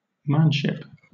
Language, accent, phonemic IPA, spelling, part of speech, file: English, Southern England, /ˈmænʃɪp/, manship, noun, LL-Q1860 (eng)-manship.wav
- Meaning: 1. The characteristic of being a man; maleness; masculinity; manliness; manhood 2. Position of honor or respect; dignity, worthiness 3. Honor shown to a person; homage, respect; courtesy